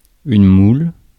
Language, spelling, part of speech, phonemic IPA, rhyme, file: French, moule, noun / verb, /mul/, -ul, Fr-moule.ogg
- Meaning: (noun) 1. mould (UK), mold (US) 2. matrix 3. (cake) tin (UK), pan (US) 4. mussel 5. idiot, prat, twit 6. cunt; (verb) inflection of mouler: first/third-person singular present indicative/subjunctive